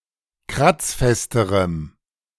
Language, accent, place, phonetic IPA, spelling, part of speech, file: German, Germany, Berlin, [ˈkʁat͡sˌfɛstəʁəm], kratzfesterem, adjective, De-kratzfesterem.ogg
- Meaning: strong dative masculine/neuter singular comparative degree of kratzfest